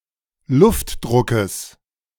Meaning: genitive singular of Luftdruck
- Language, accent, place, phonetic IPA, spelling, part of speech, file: German, Germany, Berlin, [ˈlʊftˌdʁʊkəs], Luftdruckes, noun, De-Luftdruckes.ogg